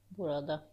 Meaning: singular locative of bura; in/at this place
- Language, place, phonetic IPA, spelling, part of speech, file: Azerbaijani, Baku, [burɑˈdɑ], burada, noun, Az-az-burada.ogg